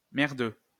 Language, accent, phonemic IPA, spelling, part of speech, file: French, France, /mɛʁ.dø/, merdeux, adjective / noun, LL-Q150 (fra)-merdeux.wav
- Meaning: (adjective) shitty; crap; shit; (noun) shitling, shithead, little bastard, little shit